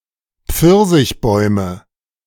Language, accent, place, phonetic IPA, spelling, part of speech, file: German, Germany, Berlin, [ˈp͡fɪʁzɪçˌbɔɪ̯mə], Pfirsichbäume, noun, De-Pfirsichbäume.ogg
- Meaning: nominative/accusative/genitive plural of Pfirsichbaum